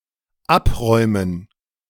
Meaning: 1. to clear away, to clear (by taking away items) 2. to clear (the remaining bowling pins) 3. to earn (an honor, a medal, etc.)
- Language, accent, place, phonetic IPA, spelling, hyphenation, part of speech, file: German, Germany, Berlin, [ˈʔapʁɔʏ̯mən], abräumen, ab‧räu‧men, verb, De-abräumen.ogg